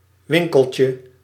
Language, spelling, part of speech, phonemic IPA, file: Dutch, winkeltje, noun, /ˈwɪŋkəlcə/, Nl-winkeltje.ogg
- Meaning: diminutive of winkel